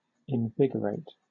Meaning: 1. To impart vigor, strength, or vitality to 2. To heighten or intensify 3. To give life or energy to 4. To make lively
- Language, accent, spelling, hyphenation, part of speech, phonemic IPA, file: English, Southern England, invigorate, in‧vi‧go‧rate, verb, /ɪnˈvɪɡəɹeɪt/, LL-Q1860 (eng)-invigorate.wav